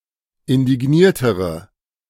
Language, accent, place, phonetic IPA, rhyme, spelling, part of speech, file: German, Germany, Berlin, [ɪndɪˈɡniːɐ̯təʁə], -iːɐ̯təʁə, indigniertere, adjective, De-indigniertere.ogg
- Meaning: inflection of indigniert: 1. strong/mixed nominative/accusative feminine singular comparative degree 2. strong nominative/accusative plural comparative degree